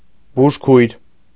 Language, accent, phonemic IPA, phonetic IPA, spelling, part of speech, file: Armenian, Eastern Armenian, /buʒˈkʰujɾ/, [buʃkʰújɾ], բուժքույր, noun, Hy-բուժքույր.ogg
- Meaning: nurse (person trained to provide care for the sick)